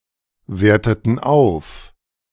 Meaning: inflection of aufwerten: 1. first/third-person plural preterite 2. first/third-person plural subjunctive II
- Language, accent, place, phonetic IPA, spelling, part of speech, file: German, Germany, Berlin, [ˌveːɐ̯tətn̩ ˈaʊ̯f], werteten auf, verb, De-werteten auf.ogg